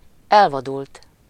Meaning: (verb) 1. third-person singular indicative past indefinite of elvadul 2. past participle of elvadul; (adjective) 1. unweeded, run wild (garden) 2. feral (animal)
- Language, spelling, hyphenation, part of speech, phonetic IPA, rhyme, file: Hungarian, elvadult, el‧va‧dult, verb / adjective, [ˈɛlvɒdult], -ult, Hu-elvadult.ogg